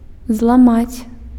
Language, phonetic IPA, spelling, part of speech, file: Belarusian, [zɫaˈmat͡sʲ], зламаць, verb, Be-зламаць.ogg
- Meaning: to break (into two pieces), to fracture